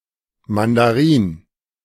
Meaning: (noun) mandarin (Chinese Imperial official); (proper noun) Mandarin, standard Chinese
- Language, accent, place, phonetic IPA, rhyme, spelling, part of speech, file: German, Germany, Berlin, [ˌmandaˈʁiːn], -iːn, Mandarin, noun, De-Mandarin.ogg